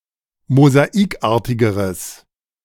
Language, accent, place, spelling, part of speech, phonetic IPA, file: German, Germany, Berlin, mosaikartigeres, adjective, [mozaˈiːkˌʔaːɐ̯tɪɡəʁəs], De-mosaikartigeres.ogg
- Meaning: strong/mixed nominative/accusative neuter singular comparative degree of mosaikartig